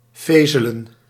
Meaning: to whisper
- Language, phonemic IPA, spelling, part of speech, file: Dutch, /ˈfeːzələ(n)/, fezelen, verb, Nl-fezelen.ogg